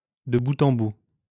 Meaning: from start to finish, from one end to the other
- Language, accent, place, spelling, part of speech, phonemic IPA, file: French, France, Lyon, de bout en bout, adverb, /də bu.t‿ɑ̃ bu/, LL-Q150 (fra)-de bout en bout.wav